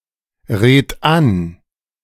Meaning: 1. singular imperative of anreden 2. first-person singular present of anreden
- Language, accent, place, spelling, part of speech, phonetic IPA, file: German, Germany, Berlin, red an, verb, [ˌʁeːt ˈan], De-red an.ogg